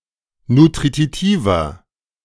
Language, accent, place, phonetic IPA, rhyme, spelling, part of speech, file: German, Germany, Berlin, [nutʁiˈtiːvɐ], -iːvɐ, nutritiver, adjective, De-nutritiver.ogg
- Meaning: 1. comparative degree of nutritiv 2. inflection of nutritiv: strong/mixed nominative masculine singular 3. inflection of nutritiv: strong genitive/dative feminine singular